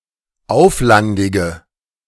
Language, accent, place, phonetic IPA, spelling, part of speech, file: German, Germany, Berlin, [ˈaʊ̯flandɪɡə], auflandige, adjective, De-auflandige.ogg
- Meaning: inflection of auflandig: 1. strong/mixed nominative/accusative feminine singular 2. strong nominative/accusative plural 3. weak nominative all-gender singular